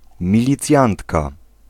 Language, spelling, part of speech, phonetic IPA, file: Polish, milicjantka, noun, [ˌmʲilʲiˈt͡sʲjãntka], Pl-milicjantka.ogg